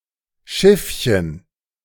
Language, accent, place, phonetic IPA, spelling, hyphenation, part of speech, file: German, Germany, Berlin, [ˈʃɪfçən], Schiffchen, Schiff‧chen, noun, De-Schiffchen.ogg
- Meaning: 1. diminutive of Schiff: little ship 2. side cap 3. short for Weberschiffchen: shuttle